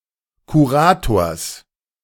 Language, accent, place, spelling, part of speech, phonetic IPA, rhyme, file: German, Germany, Berlin, Kurators, noun, [kuˈʁaːtoːɐ̯s], -aːtoːɐ̯s, De-Kurators.ogg
- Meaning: genitive of Kurator